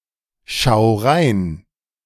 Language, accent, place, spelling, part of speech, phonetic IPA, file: German, Germany, Berlin, schau nach, verb, [ˌʃaʊ̯ ˈnaːx], De-schau nach.ogg
- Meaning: 1. singular imperative of nachschauen 2. first-person singular present of nachschauen